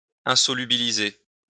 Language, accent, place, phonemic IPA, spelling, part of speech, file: French, France, Lyon, /ɛ̃.sɔ.ly.bi.li.ze/, insolubiliser, verb, LL-Q150 (fra)-insolubiliser.wav
- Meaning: insolubilize